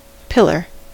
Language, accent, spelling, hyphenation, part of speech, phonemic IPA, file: English, US, pillar, pil‧lar, noun / verb, /ˈpɪlɚ/, En-us-pillar.ogg
- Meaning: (noun) 1. A large post, often used as supporting architecture 2. Something resembling such a structure 3. An essential part of something that provides support